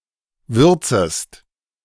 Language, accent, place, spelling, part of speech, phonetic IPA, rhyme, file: German, Germany, Berlin, würzest, verb, [ˈvʏʁt͡səst], -ʏʁt͡səst, De-würzest.ogg
- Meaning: second-person singular subjunctive I of würzen